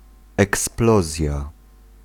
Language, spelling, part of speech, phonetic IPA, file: Polish, eksplozja, noun, [ɛksˈplɔzʲja], Pl-eksplozja.ogg